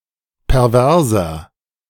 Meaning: 1. comparative degree of pervers 2. inflection of pervers: strong/mixed nominative masculine singular 3. inflection of pervers: strong genitive/dative feminine singular
- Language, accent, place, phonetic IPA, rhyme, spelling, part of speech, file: German, Germany, Berlin, [pɛʁˈvɛʁzɐ], -ɛʁzɐ, perverser, adjective, De-perverser.ogg